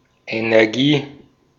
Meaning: energy
- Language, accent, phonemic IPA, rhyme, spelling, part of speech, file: German, Austria, /eneʁˈɡiː/, -iː, Energie, noun, De-at-Energie.ogg